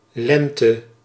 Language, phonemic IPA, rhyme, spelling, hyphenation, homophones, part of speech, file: Dutch, /ˈlɛn.tə/, -ɛntə, lente, len‧te, Lenthe, noun, Nl-lente.ogg
- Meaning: 1. spring: the season between winter and summer 2. year of age